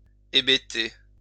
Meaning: to stupefy
- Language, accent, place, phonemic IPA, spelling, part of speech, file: French, France, Lyon, /e.be.te/, hébéter, verb, LL-Q150 (fra)-hébéter.wav